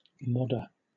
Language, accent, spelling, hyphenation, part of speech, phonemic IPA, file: English, Southern England, modder, mod‧der, noun / adjective, /ˈmɒdə/, LL-Q1860 (eng)-modder.wav
- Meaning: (noun) Often preceded by a descriptive word: one who modifies a mass-manufactured object, especially computer hardware or software, or a motor vehicle; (adjective) comparative form of mod: more mod